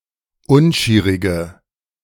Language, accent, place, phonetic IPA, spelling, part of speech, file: German, Germany, Berlin, [ˈʊnˌʃiːʁɪɡə], unschierige, adjective, De-unschierige.ogg
- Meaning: inflection of unschierig: 1. strong/mixed nominative/accusative feminine singular 2. strong nominative/accusative plural 3. weak nominative all-gender singular